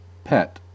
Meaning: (noun) 1. An animal kept as a companion or otherwise for pleasure, rather than for some practical benefit or use 2. Something kept as a companion, including inanimate objects
- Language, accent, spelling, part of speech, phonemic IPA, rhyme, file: English, US, pet, noun / verb / adjective, /pɛt/, -ɛt, En-us-pet.ogg